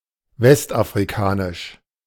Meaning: West African
- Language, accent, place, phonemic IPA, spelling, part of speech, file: German, Germany, Berlin, /ˌvɛstʔafʁiˈkaːnɪʃ/, westafrikanisch, adjective, De-westafrikanisch.ogg